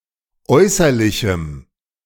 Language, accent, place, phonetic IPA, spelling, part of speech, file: German, Germany, Berlin, [ˈɔɪ̯sɐlɪçm̩], äußerlichem, adjective, De-äußerlichem.ogg
- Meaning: strong dative masculine/neuter singular of äußerlich